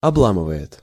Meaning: third-person singular present indicative imperfective of обла́мывать (oblámyvatʹ)
- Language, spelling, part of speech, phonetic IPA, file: Russian, обламывает, verb, [ɐˈbɫamɨvə(j)ɪt], Ru-обламывает.ogg